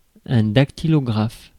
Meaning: secretary
- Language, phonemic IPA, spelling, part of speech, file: French, /dak.ti.lɔ.ɡʁaf/, dactylographe, noun, Fr-dactylographe.ogg